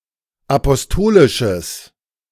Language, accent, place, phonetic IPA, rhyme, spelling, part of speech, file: German, Germany, Berlin, [apɔsˈtoːlɪʃəs], -oːlɪʃəs, apostolisches, adjective, De-apostolisches.ogg
- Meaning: strong/mixed nominative/accusative neuter singular of apostolisch